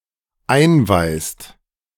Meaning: inflection of einweisen: 1. second/third-person singular dependent present 2. second-person plural dependent present
- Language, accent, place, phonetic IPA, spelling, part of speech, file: German, Germany, Berlin, [ˈaɪ̯nˌvaɪ̯st], einweist, verb, De-einweist.ogg